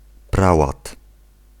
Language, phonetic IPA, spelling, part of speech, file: Polish, [ˈprawat], prałat, noun, Pl-prałat.ogg